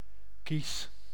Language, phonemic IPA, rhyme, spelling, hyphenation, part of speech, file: Dutch, /kis/, -is, kies, kies, noun / adjective / verb, Nl-kies.ogg
- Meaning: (noun) 1. molar 2. certain resembling objects; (adjective) 1. delicate, choice 2. tasteful, appropriate, well chosen; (verb) inflection of kiezen: first-person singular present indicative